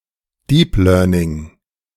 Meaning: deep learning
- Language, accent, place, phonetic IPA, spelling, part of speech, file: German, Germany, Berlin, [ˈdiːp ˌlœːɐ̯nɪŋ], Deep Learning, noun, De-Deep Learning.ogg